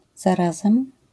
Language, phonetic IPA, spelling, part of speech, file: Polish, [zaˈrazɛ̃m], zarazem, particle, LL-Q809 (pol)-zarazem.wav